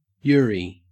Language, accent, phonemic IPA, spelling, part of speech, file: English, Australia, /ˈjʊɹi/, yuri, noun, En-au-yuri.ogg
- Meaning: A narrative or visual work featuring a romantic or sexual relationship between women